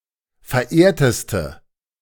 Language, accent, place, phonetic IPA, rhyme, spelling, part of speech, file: German, Germany, Berlin, [fɛɐ̯ˈʔeːɐ̯təstə], -eːɐ̯təstə, verehrteste, adjective, De-verehrteste.ogg
- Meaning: inflection of verehrt: 1. strong/mixed nominative/accusative feminine singular superlative degree 2. strong nominative/accusative plural superlative degree